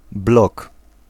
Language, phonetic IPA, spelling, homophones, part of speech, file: Polish, [blɔk], blog, blok, noun, Pl-blog.ogg